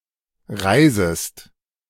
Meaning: second-person singular subjunctive I of reisen
- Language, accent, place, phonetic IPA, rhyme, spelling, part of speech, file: German, Germany, Berlin, [ˈʁaɪ̯zəst], -aɪ̯zəst, reisest, verb, De-reisest.ogg